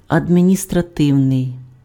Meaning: administrative
- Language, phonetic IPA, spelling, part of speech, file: Ukrainian, [ɐdʲmʲinʲistrɐˈtɪu̯nei̯], адміністративний, adjective, Uk-адміністративний.ogg